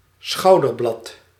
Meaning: shoulderblade
- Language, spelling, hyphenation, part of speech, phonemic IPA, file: Dutch, schouderblad, schou‧der‧blad, noun, /ˈsxɑu̯.dərˌblɑt/, Nl-schouderblad.ogg